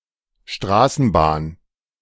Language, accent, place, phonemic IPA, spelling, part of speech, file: German, Germany, Berlin, /ˈʃtraːsənˌbaːn/, Straßenbahn, noun, De-Straßenbahn.ogg
- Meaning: streetcar, tramway